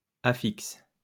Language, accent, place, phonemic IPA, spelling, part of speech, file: French, France, Lyon, /a.fiks/, affixes, noun, LL-Q150 (fra)-affixes.wav
- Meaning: plural of affixe